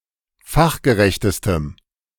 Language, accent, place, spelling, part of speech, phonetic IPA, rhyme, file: German, Germany, Berlin, fachgerechtestem, adjective, [ˈfaxɡəˌʁɛçtəstəm], -axɡəʁɛçtəstəm, De-fachgerechtestem.ogg
- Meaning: strong dative masculine/neuter singular superlative degree of fachgerecht